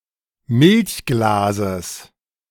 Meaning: genitive singular of Milchglas
- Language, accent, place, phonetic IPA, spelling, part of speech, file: German, Germany, Berlin, [ˈmɪlçˌɡlaːzəs], Milchglases, noun, De-Milchglases.ogg